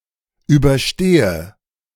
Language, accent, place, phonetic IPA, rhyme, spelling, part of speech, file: German, Germany, Berlin, [ˌyːbɐˈʃteːə], -eːə, überstehe, verb, De-überstehe.ogg
- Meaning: inflection of überstehen: 1. first-person singular present 2. first/third-person singular subjunctive I 3. singular imperative